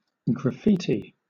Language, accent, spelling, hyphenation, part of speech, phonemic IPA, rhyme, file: English, Southern England, graffiti, graf‧fi‧ti, noun / verb, /ɡɹəˈfiː.ti/, -iːti, LL-Q1860 (eng)-graffiti.wav
- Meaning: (noun) 1. Drawings or words drawn on a surface in a public place, usually made without authorization 2. Informal inscriptions, figure drawings, etc., as opposed to official inscriptions